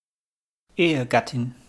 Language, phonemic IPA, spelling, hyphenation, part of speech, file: German, /ˈeːəˌɡatɪn/, Ehegattin, Ehe‧gat‧tin, noun, De-Ehegattin.wav
- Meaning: female equivalent of Ehegatte: married woman, wife